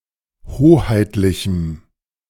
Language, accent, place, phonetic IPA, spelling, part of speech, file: German, Germany, Berlin, [ˈhoːhaɪ̯tlɪçm̩], hoheitlichem, adjective, De-hoheitlichem.ogg
- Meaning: strong dative masculine/neuter singular of hoheitlich